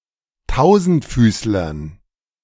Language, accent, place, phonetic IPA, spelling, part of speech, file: German, Germany, Berlin, [ˈtaʊ̯zn̩tˌfyːslɐn], Tausendfüßlern, noun, De-Tausendfüßlern.ogg
- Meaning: dative plural of Tausendfüßler